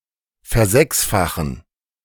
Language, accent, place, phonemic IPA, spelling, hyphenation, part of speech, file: German, Germany, Berlin, /fɛɐ̯ˈzɛksfaxən/, versechsfachen, ver‧sechs‧fa‧chen, verb, De-versechsfachen.ogg
- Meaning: 1. to sextuple, to hextuple, to sextuplicate, to multiply by six 2. to increase sixfold (to become six times as large)